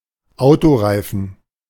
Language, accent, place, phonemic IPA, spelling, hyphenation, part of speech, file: German, Germany, Berlin, /ˈaʊ̯toˌʁaɪ̯fn̩/, Autoreifen, Au‧to‧rei‧fen, noun, De-Autoreifen.ogg
- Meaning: car tyre / tire